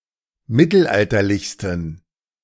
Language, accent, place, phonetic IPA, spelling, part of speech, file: German, Germany, Berlin, [ˈmɪtl̩ˌʔaltɐlɪçstn̩], mittelalterlichsten, adjective, De-mittelalterlichsten.ogg
- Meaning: 1. superlative degree of mittelalterlich 2. inflection of mittelalterlich: strong genitive masculine/neuter singular superlative degree